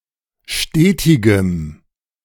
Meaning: strong dative masculine/neuter singular of stetig
- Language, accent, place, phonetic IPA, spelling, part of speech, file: German, Germany, Berlin, [ˈʃteːtɪɡəm], stetigem, adjective, De-stetigem.ogg